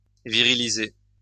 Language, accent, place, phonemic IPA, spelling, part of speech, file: French, France, Lyon, /vi.ʁi.li.ze/, viriliser, verb, LL-Q150 (fra)-viriliser.wav
- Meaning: to masculinize